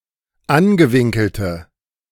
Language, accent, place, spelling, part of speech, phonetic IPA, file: German, Germany, Berlin, angewinkelte, adjective, [ˈanɡəˌvɪŋkl̩tə], De-angewinkelte.ogg
- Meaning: inflection of angewinkelt: 1. strong/mixed nominative/accusative feminine singular 2. strong nominative/accusative plural 3. weak nominative all-gender singular